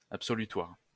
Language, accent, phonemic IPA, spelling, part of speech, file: French, France, /ap.sɔ.ly.twaʁ/, absolutoire, adjective, LL-Q150 (fra)-absolutoire.wav
- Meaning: absolutional; absolutory